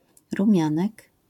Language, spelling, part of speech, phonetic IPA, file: Polish, rumianek, noun, [rũˈmʲjãnɛk], LL-Q809 (pol)-rumianek.wav